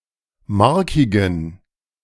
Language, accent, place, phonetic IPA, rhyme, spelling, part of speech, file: German, Germany, Berlin, [ˈmaʁkɪɡn̩], -aʁkɪɡn̩, markigen, adjective, De-markigen.ogg
- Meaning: inflection of markig: 1. strong genitive masculine/neuter singular 2. weak/mixed genitive/dative all-gender singular 3. strong/weak/mixed accusative masculine singular 4. strong dative plural